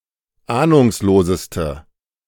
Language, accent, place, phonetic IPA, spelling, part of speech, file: German, Germany, Berlin, [ˈaːnʊŋsloːzəstə], ahnungsloseste, adjective, De-ahnungsloseste.ogg
- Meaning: inflection of ahnungslos: 1. strong/mixed nominative/accusative feminine singular superlative degree 2. strong nominative/accusative plural superlative degree